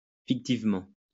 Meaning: fictitiously
- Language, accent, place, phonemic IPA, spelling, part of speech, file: French, France, Lyon, /fik.tiv.mɑ̃/, fictivement, adverb, LL-Q150 (fra)-fictivement.wav